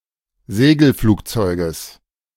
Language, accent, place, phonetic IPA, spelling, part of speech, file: German, Germany, Berlin, [ˈzeːɡl̩ˌfluːkt͡sɔɪ̯ɡəs], Segelflugzeuges, noun, De-Segelflugzeuges.ogg
- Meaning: genitive singular of Segelflugzeug